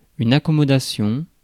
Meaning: accommodation
- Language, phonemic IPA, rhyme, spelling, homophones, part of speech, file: French, /a.kɔ.mɔ.da.sjɔ̃/, -ɔ̃, accommodation, accommodations, noun, Fr-accommodation.ogg